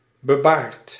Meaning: bearded
- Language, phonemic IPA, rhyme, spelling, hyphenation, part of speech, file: Dutch, /bəˈbaːrt/, -aːrt, bebaard, be‧baard, adjective, Nl-bebaard.ogg